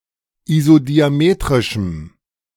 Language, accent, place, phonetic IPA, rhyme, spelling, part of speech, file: German, Germany, Berlin, [izodiaˈmeːtʁɪʃm̩], -eːtʁɪʃm̩, isodiametrischem, adjective, De-isodiametrischem.ogg
- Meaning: strong dative masculine/neuter singular of isodiametrisch